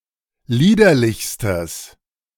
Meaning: strong/mixed nominative/accusative neuter singular superlative degree of liederlich
- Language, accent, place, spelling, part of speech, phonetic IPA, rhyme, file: German, Germany, Berlin, liederlichstes, adjective, [ˈliːdɐlɪçstəs], -iːdɐlɪçstəs, De-liederlichstes.ogg